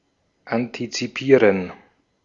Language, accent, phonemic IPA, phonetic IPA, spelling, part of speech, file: German, Austria, /antitsiˈpiːʁən/, [ʔantʰitsiˈpʰiːɐ̯n], antizipieren, verb, De-at-antizipieren.ogg
- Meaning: to anticipate